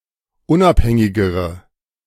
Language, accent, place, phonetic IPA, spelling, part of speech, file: German, Germany, Berlin, [ˈʊnʔapˌhɛŋɪɡəʁə], unabhängigere, adjective, De-unabhängigere.ogg
- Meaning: inflection of unabhängig: 1. strong/mixed nominative/accusative feminine singular comparative degree 2. strong nominative/accusative plural comparative degree